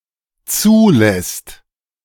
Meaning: second/third-person singular dependent present of zulassen
- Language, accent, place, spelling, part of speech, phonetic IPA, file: German, Germany, Berlin, zulässt, verb, [ˈt͡suːˌlɛst], De-zulässt.ogg